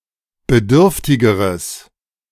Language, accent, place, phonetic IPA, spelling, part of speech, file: German, Germany, Berlin, [bəˈdʏʁftɪɡəʁəs], bedürftigeres, adjective, De-bedürftigeres.ogg
- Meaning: strong/mixed nominative/accusative neuter singular comparative degree of bedürftig